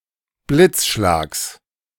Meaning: genitive singular of Blitzschlag
- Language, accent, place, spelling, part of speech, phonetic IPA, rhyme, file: German, Germany, Berlin, Blitzschlags, noun, [ˈblɪt͡sˌʃlaːks], -ɪt͡sʃlaːks, De-Blitzschlags.ogg